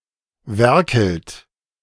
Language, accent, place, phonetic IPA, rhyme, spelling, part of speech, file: German, Germany, Berlin, [ˈvɛʁkl̩t], -ɛʁkl̩t, werkelt, verb, De-werkelt.ogg
- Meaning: inflection of werkeln: 1. second-person plural present 2. third-person singular present 3. plural imperative